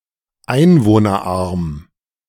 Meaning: small (having a small population)
- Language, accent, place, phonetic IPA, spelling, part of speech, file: German, Germany, Berlin, [ˈaɪ̯nvoːnɐˌʔaʁm], einwohnerarm, adjective, De-einwohnerarm.ogg